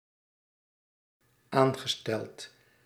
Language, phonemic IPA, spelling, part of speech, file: Dutch, /ˈaŋɣəˌstɛlt/, aangesteld, verb / adjective, Nl-aangesteld.ogg
- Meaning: past participle of aanstellen